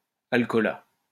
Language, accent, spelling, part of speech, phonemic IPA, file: French, France, alcoolat, noun, /al.kɔ.la/, LL-Q150 (fra)-alcoolat.wav
- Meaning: alcoholate